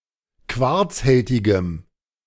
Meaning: strong dative masculine/neuter singular of quarzhältig
- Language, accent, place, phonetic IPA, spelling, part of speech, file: German, Germany, Berlin, [ˈkvaʁt͡sˌhɛltɪɡəm], quarzhältigem, adjective, De-quarzhältigem.ogg